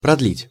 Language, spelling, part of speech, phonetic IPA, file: Russian, продлить, verb, [prɐdˈlʲitʲ], Ru-продлить.ogg
- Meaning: 1. to extend, to prolong, to elongate, to make longer 2. to renew, to extend (e.g. subscriptions, books in a library)